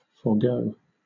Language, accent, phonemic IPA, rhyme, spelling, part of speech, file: English, Southern England, /fɔːˈɡəʊ/, -əʊ, forgo, verb, LL-Q1860 (eng)-forgo.wav
- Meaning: 1. To do without (something enjoyable); to relinquish 2. To refrain from, to abstain from